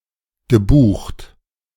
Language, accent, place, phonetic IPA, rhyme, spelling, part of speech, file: German, Germany, Berlin, [ɡəˈbuːxt], -uːxt, gebucht, verb, De-gebucht.ogg
- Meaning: past participle of buchen